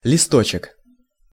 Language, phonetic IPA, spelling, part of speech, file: Russian, [lʲɪˈstot͡ɕɪk], листочек, noun, Ru-листочек.ogg
- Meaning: diminutive of листо́к (listók), diminutive of лист (list): (small) leaf, leaflet